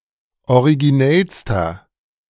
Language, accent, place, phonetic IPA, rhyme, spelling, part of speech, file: German, Germany, Berlin, [oʁiɡiˈnɛlstɐ], -ɛlstɐ, originellster, adjective, De-originellster.ogg
- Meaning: inflection of originell: 1. strong/mixed nominative masculine singular superlative degree 2. strong genitive/dative feminine singular superlative degree 3. strong genitive plural superlative degree